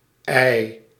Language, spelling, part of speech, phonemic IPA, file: Dutch, -ij, suffix, /ɛi̯/, Nl--ij.ogg
- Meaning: Forms abstract nouns denoting a state or concept related to the person(s) referred to by the stem; equivalent of -y